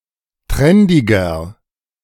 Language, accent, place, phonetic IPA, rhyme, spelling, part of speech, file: German, Germany, Berlin, [ˈtʁɛndɪɡɐ], -ɛndɪɡɐ, trendiger, adjective, De-trendiger.ogg
- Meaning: 1. comparative degree of trendig 2. inflection of trendig: strong/mixed nominative masculine singular 3. inflection of trendig: strong genitive/dative feminine singular